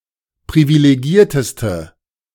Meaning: inflection of privilegiert: 1. strong/mixed nominative/accusative feminine singular superlative degree 2. strong nominative/accusative plural superlative degree
- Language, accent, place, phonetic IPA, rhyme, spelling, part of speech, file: German, Germany, Berlin, [pʁivileˈɡiːɐ̯təstə], -iːɐ̯təstə, privilegierteste, adjective, De-privilegierteste.ogg